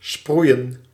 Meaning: to spray, to sprinkle
- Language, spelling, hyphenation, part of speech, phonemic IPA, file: Dutch, sproeien, sproe‧ien, verb, /ˈsprui̯ə(n)/, Nl-sproeien.ogg